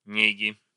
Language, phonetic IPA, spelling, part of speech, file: Russian, [ˈnʲeɡʲɪ], неги, noun, Ru-неги.ogg
- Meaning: genitive singular of не́га (néga)